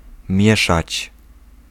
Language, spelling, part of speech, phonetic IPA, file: Polish, mieszać, verb, [ˈmʲjɛʃat͡ɕ], Pl-mieszać.ogg